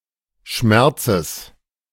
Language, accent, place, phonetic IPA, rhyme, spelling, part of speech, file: German, Germany, Berlin, [ˈʃmɛʁt͡səs], -ɛʁt͡səs, Schmerzes, noun, De-Schmerzes.ogg
- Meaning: genitive singular of Schmerz